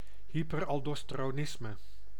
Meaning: hyperaldosteronism (condition in which too much aldosterone is produced)
- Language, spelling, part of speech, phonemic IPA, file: Dutch, hyperaldosteronisme, noun, /ˌɦipərɑldɔstəroːˈnɪsmə/, Nl-hyperaldosteronisme.ogg